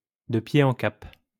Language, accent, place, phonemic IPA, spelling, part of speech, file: French, France, Lyon, /də pje.t‿ɑ̃ kap/, de pied en cap, adverb, LL-Q150 (fra)-de pied en cap.wav
- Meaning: from head to toe, from top to toe